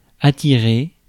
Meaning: 1. to attract 2. to lure, to entice
- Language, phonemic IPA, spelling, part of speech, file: French, /a.ti.ʁe/, attirer, verb, Fr-attirer.ogg